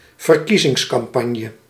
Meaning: election campaign
- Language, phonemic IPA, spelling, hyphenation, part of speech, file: Dutch, /vərˈki.zɪŋs.kɑmˌpɑnjə/, verkiezingscampagne, ver‧kie‧zings‧cam‧pag‧ne, noun, Nl-verkiezingscampagne.ogg